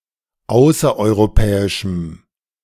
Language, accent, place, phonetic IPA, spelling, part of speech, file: German, Germany, Berlin, [ˈaʊ̯sɐʔɔɪ̯ʁoˌpɛːɪʃm̩], außereuropäischem, adjective, De-außereuropäischem.ogg
- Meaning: strong dative masculine/neuter singular of außereuropäisch